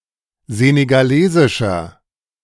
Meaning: inflection of senegalesisch: 1. strong/mixed nominative masculine singular 2. strong genitive/dative feminine singular 3. strong genitive plural
- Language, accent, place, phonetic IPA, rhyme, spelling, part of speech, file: German, Germany, Berlin, [ˌzeːneɡaˈleːzɪʃɐ], -eːzɪʃɐ, senegalesischer, adjective, De-senegalesischer.ogg